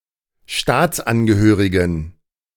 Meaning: inflection of Staatsangehöriger: 1. strong genitive/accusative singular 2. strong dative plural 3. weak/mixed genitive/dative/accusative singular 4. weak/mixed all-case plural
- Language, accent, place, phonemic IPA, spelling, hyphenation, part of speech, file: German, Germany, Berlin, /ˈʃtaːtsˌanɡəhøːʁɪɡən/, Staatsangehörigen, Staats‧an‧ge‧hö‧ri‧gen, noun, De-Staatsangehörigen.ogg